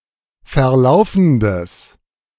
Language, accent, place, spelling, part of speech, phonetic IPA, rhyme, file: German, Germany, Berlin, verlaufendes, adjective, [fɛɐ̯ˈlaʊ̯fn̩dəs], -aʊ̯fn̩dəs, De-verlaufendes.ogg
- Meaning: strong/mixed nominative/accusative neuter singular of verlaufend